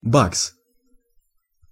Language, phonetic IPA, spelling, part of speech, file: Russian, [baks], бакс, noun, Ru-бакс.ogg
- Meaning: buck, dollar